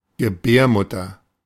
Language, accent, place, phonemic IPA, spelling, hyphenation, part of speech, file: German, Germany, Berlin, /ɡəˈbɛːrˌmʊtər/, Gebärmutter, Ge‧bär‧mut‧ter, noun, De-Gebärmutter.ogg
- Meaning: womb, uterus